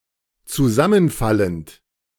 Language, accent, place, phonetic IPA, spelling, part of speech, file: German, Germany, Berlin, [t͡suˈzamənˌfalənt], zusammenfallend, verb, De-zusammenfallend.ogg
- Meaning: present participle of zusammenfallen